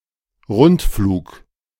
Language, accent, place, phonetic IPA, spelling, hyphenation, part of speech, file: German, Germany, Berlin, [ˈʁʊntˌfluːk], Rundflug, Rund‧flug, noun, De-Rundflug.ogg
- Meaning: flight, whose start and landing locations are the same